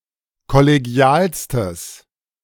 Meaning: strong/mixed nominative/accusative neuter singular superlative degree of kollegial
- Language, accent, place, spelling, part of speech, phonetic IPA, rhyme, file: German, Germany, Berlin, kollegialstes, adjective, [kɔleˈɡi̯aːlstəs], -aːlstəs, De-kollegialstes.ogg